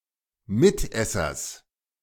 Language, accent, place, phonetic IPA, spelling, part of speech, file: German, Germany, Berlin, [ˈmɪtˌʔɛsɐs], Mitessers, noun, De-Mitessers.ogg
- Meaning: genitive of Mitesser